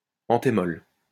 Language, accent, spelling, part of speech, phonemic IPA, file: French, France, anthémol, noun, /ɑ̃.te.mɔl/, LL-Q150 (fra)-anthémol.wav
- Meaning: anthemol